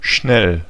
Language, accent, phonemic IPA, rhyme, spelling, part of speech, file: German, Germany, /ʃnɛl/, -ɛl, schnell, adjective / adverb, De-schnell.ogg
- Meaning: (adjective) quick, fast; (adverb) 1. quickly 2. again; quick; used after a question to imply that one ought to know the answer